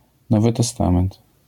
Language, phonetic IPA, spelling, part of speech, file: Polish, [ˈnɔvɨ tɛˈstãmɛ̃nt], Nowy Testament, proper noun, LL-Q809 (pol)-Nowy Testament.wav